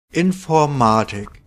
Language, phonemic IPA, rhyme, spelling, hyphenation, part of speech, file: German, /ɪnfɔɐ̯ˈmaːtɪk/, -aːtɪk, Informatik, In‧for‧ma‧tik, noun, DE-Informatik.OGG
- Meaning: 1. computer science 2. information technology 3. informatics, information science